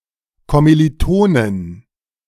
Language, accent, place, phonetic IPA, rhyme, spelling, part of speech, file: German, Germany, Berlin, [ˌkɔmiliˈtoːnən], -oːnən, Kommilitonen, noun, De-Kommilitonen.ogg
- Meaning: inflection of Kommilitone: 1. genitive/dative/accusative singular 2. plural